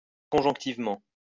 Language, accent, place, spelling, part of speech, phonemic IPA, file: French, France, Lyon, conjonctivement, adverb, /kɔ̃.ʒɔ̃k.tiv.mɑ̃/, LL-Q150 (fra)-conjonctivement.wav
- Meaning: conjunctively